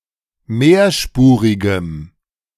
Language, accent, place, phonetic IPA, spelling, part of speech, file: German, Germany, Berlin, [ˈmeːɐ̯ˌʃpuːʁɪɡəm], mehrspurigem, adjective, De-mehrspurigem.ogg
- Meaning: strong dative masculine/neuter singular of mehrspurig